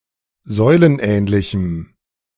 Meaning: strong dative masculine/neuter singular of säulenähnlich
- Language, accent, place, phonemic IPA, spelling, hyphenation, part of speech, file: German, Germany, Berlin, /ˈzɔɪ̯lənˌʔɛːnlɪçəm/, säulenähnlichem, säu‧len‧ähn‧li‧chem, adjective, De-säulenähnlichem.ogg